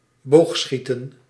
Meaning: archery
- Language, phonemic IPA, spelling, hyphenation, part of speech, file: Dutch, /ˈboːxˌsxitə(n)/, boogschieten, boog‧schie‧ten, noun, Nl-boogschieten.ogg